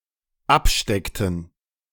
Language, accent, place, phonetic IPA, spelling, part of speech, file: German, Germany, Berlin, [ˈapˌʃtɛktn̩], absteckten, verb, De-absteckten.ogg
- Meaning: inflection of abstecken: 1. first/third-person plural dependent preterite 2. first/third-person plural dependent subjunctive II